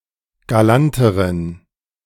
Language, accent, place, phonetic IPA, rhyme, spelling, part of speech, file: German, Germany, Berlin, [ɡaˈlantəʁən], -antəʁən, galanteren, adjective, De-galanteren.ogg
- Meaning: inflection of galant: 1. strong genitive masculine/neuter singular comparative degree 2. weak/mixed genitive/dative all-gender singular comparative degree